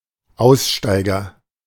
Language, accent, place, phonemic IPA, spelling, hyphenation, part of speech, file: German, Germany, Berlin, /ˈaʊ̯sˌʃtaɪ̯ɡɐ/, Aussteiger, Aus‧stei‧ger, noun, De-Aussteiger.ogg
- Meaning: dropout